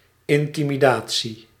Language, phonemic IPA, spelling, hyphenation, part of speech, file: Dutch, /ɪntimiˈda(t)si/, intimidatie, in‧ti‧mi‧da‧tie, noun, Nl-intimidatie.ogg
- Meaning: intimidation